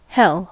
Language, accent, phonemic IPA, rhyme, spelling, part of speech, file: English, US, /hɛl/, -ɛl, hell, proper noun / noun / interjection / adverb / verb, En-us-hell.ogg
- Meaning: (proper noun) A place of torment where some or all sinners are believed to go after death and evil spirits are believed to be; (noun) A place or situation of great suffering in life